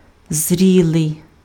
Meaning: 1. ripe 2. mature
- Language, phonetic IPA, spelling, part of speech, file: Ukrainian, [ˈzʲrʲiɫei̯], зрілий, adjective, Uk-зрілий.ogg